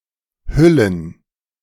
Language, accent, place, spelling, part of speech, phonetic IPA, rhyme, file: German, Germany, Berlin, Hüllen, noun, [ˈhʏlən], -ʏlən, De-Hüllen.ogg
- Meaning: plural of Hülle